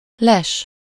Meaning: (noun) 1. cover, hideaway, ambush (the place where one is concealed, in wait to attack by surprise, or the act of concealing oneself there) 2. hide, blind 3. offside; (verb) to spy, peep, peek, pry
- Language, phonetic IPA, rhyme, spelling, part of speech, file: Hungarian, [ˈlɛʃ], -ɛʃ, les, noun / verb, Hu-les.ogg